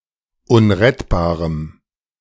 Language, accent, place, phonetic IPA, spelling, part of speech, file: German, Germany, Berlin, [ˈʊnʁɛtbaːʁəm], unrettbarem, adjective, De-unrettbarem.ogg
- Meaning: strong dative masculine/neuter singular of unrettbar